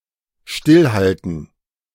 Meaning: to stay still
- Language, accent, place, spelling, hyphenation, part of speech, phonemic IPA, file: German, Germany, Berlin, stillhalten, still‧hal‧ten, verb, /ˈʃtɪlˌhaltn̩/, De-stillhalten.ogg